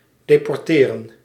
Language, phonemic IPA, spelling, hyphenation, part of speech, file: Dutch, /deːpɔrˈteːrə(n)/, deporteren, de‧por‧te‧ren, verb, Nl-deporteren.ogg
- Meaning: to deport